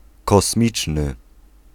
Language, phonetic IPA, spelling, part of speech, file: Polish, [kɔsˈmʲit͡ʃnɨ], kosmiczny, adjective, Pl-kosmiczny.ogg